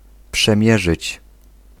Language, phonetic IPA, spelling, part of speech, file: Polish, [pʃɛ̃ˈmʲjɛʒɨt͡ɕ], przemierzyć, verb, Pl-przemierzyć.ogg